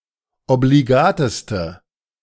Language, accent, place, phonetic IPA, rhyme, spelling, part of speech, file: German, Germany, Berlin, [obliˈɡaːtəstə], -aːtəstə, obligateste, adjective, De-obligateste.ogg
- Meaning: inflection of obligat: 1. strong/mixed nominative/accusative feminine singular superlative degree 2. strong nominative/accusative plural superlative degree